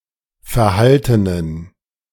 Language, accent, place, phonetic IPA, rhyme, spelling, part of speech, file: German, Germany, Berlin, [fɛɐ̯ˈhaltənən], -altənən, verhaltenen, adjective, De-verhaltenen.ogg
- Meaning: inflection of verhalten: 1. strong genitive masculine/neuter singular 2. weak/mixed genitive/dative all-gender singular 3. strong/weak/mixed accusative masculine singular 4. strong dative plural